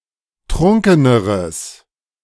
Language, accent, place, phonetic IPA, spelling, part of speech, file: German, Germany, Berlin, [ˈtʁʊŋkənəʁəs], trunkeneres, adjective, De-trunkeneres.ogg
- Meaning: strong/mixed nominative/accusative neuter singular comparative degree of trunken